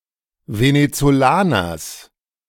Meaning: genitive singular of Venezolaner
- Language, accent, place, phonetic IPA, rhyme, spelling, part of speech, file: German, Germany, Berlin, [venet͡soˈlaːnɐs], -aːnɐs, Venezolaners, noun, De-Venezolaners.ogg